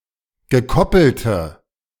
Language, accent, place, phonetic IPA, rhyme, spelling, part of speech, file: German, Germany, Berlin, [ɡəˈkɔpl̩tə], -ɔpl̩tə, gekoppelte, adjective, De-gekoppelte.ogg
- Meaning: inflection of gekoppelt: 1. strong/mixed nominative/accusative feminine singular 2. strong nominative/accusative plural 3. weak nominative all-gender singular